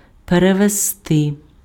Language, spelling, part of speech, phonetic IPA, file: Ukrainian, перевезти, verb, [pereʋezˈtɪ], Uk-перевезти.ogg
- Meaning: 1. to transport, to carry, to convey, to haul, to shift 2. to take across (transport over water)